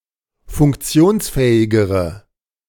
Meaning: inflection of funktionsfähig: 1. strong/mixed nominative/accusative feminine singular comparative degree 2. strong nominative/accusative plural comparative degree
- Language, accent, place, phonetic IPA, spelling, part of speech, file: German, Germany, Berlin, [fʊŋkˈt͡si̯oːnsˌfɛːɪɡəʁə], funktionsfähigere, adjective, De-funktionsfähigere.ogg